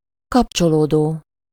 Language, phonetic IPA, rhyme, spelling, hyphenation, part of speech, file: Hungarian, [ˈkɒpt͡ʃoloːdoː], -doː, kapcsolódó, kap‧cso‧ló‧dó, verb / adjective, Hu-kapcsolódó.ogg
- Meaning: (verb) present participle of kapcsolódik; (adjective) 1. connecting 2. relating, pertaining